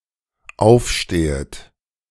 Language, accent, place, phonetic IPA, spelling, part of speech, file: German, Germany, Berlin, [ˈaʊ̯fˌʃteːət], aufstehet, verb, De-aufstehet.ogg
- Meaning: second-person plural dependent subjunctive I of aufstehen